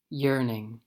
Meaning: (noun) A wistful or melancholy longing; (verb) present participle and gerund of yearn; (noun) Rennet (an enzyme to curdle milk in order to make cheese)
- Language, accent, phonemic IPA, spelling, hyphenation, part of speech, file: English, US, /ˈjɝnɪŋ/, yearning, yearn‧ing, noun / verb, En-us-yearning.ogg